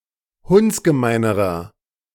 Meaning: inflection of hundsgemein: 1. strong/mixed nominative masculine singular comparative degree 2. strong genitive/dative feminine singular comparative degree 3. strong genitive plural comparative degree
- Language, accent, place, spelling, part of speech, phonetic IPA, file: German, Germany, Berlin, hundsgemeinerer, adjective, [ˈhʊnt͡sɡəˌmaɪ̯nəʁɐ], De-hundsgemeinerer.ogg